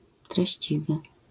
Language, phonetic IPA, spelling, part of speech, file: Polish, [trɛɕˈt͡ɕivɨ], treściwy, adjective, LL-Q809 (pol)-treściwy.wav